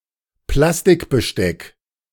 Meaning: plastic cutlery
- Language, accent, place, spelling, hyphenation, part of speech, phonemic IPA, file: German, Germany, Berlin, Plastikbesteck, Plas‧tik‧be‧steck, noun, /ˈplastɪkbəˌʃtɛk/, De-Plastikbesteck.ogg